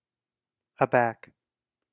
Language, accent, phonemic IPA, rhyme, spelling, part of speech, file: English, US, /əˈbæk/, -æk, aback, adverb / noun, En-us-aback.ogg
- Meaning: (adverb) 1. Towards the back or rear; backwards 2. In the rear; a distance behind 3. By surprise; startled; dumbfounded. (see usage)